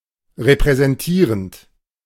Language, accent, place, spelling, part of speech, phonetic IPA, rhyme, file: German, Germany, Berlin, repräsentierend, verb, [ʁepʁɛzɛnˈtiːʁənt], -iːʁənt, De-repräsentierend.ogg
- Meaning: present participle of repräsentieren